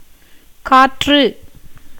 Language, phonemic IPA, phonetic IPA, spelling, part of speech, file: Tamil, /kɑːrːɯ/, [käːtrɯ], காற்று, noun, Ta-காற்று.ogg
- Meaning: 1. wind, air 2. breath 3. ghost, spirit